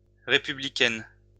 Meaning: feminine plural of républicain
- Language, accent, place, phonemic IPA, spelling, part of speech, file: French, France, Lyon, /ʁe.py.bli.kɛn/, républicaines, adjective, LL-Q150 (fra)-républicaines.wav